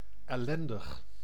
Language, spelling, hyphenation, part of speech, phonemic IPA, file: Dutch, ellendig, el‧len‧dig, adjective, /ˌɛˈlɛn.dəx/, Nl-ellendig.ogg
- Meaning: miserable, hapless